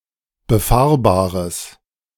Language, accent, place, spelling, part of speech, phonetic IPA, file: German, Germany, Berlin, befahrbares, adjective, [bəˈfaːɐ̯baːʁəs], De-befahrbares.ogg
- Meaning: strong/mixed nominative/accusative neuter singular of befahrbar